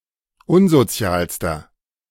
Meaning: inflection of unsozial: 1. strong/mixed nominative masculine singular superlative degree 2. strong genitive/dative feminine singular superlative degree 3. strong genitive plural superlative degree
- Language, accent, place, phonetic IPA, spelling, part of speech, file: German, Germany, Berlin, [ˈʊnzoˌt͡si̯aːlstɐ], unsozialster, adjective, De-unsozialster.ogg